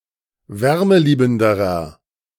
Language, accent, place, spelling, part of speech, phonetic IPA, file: German, Germany, Berlin, wärmeliebenderer, adjective, [ˈvɛʁməˌliːbn̩dəʁɐ], De-wärmeliebenderer.ogg
- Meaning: inflection of wärmeliebend: 1. strong/mixed nominative masculine singular comparative degree 2. strong genitive/dative feminine singular comparative degree 3. strong genitive plural comparative degree